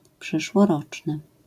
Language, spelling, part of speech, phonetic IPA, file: Polish, przyszłoroczny, adjective, [ˌpʃɨʃwɔˈrɔt͡ʃnɨ], LL-Q809 (pol)-przyszłoroczny.wav